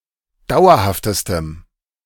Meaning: strong dative masculine/neuter singular superlative degree of dauerhaft
- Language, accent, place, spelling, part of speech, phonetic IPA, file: German, Germany, Berlin, dauerhaftestem, adjective, [ˈdaʊ̯ɐhaftəstəm], De-dauerhaftestem.ogg